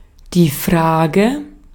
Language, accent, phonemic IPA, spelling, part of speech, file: German, Austria, /ˈfʁaːɡə/, Frage, noun, De-at-Frage.ogg
- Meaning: 1. question (interrogative sentence or phrase) 2. question, issue, matter (subject or topic for consideration or investigation) 3. question, doubt (challenge about the truth or accuracy of a matter)